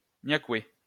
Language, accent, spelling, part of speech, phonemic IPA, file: French, France, niakoué, noun, /nja.kwe/, LL-Q150 (fra)-niakoué.wav
- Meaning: 1. Vietnamese 2. Any South East Asian or Chinese person